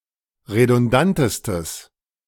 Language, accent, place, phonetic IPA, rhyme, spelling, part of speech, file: German, Germany, Berlin, [ʁedʊnˈdantəstəs], -antəstəs, redundantestes, adjective, De-redundantestes.ogg
- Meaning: strong/mixed nominative/accusative neuter singular superlative degree of redundant